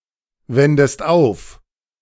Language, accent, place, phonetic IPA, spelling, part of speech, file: German, Germany, Berlin, [ˌvɛndəst ˈaʊ̯f], wendest auf, verb, De-wendest auf.ogg
- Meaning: inflection of aufwenden: 1. second-person singular present 2. second-person singular subjunctive I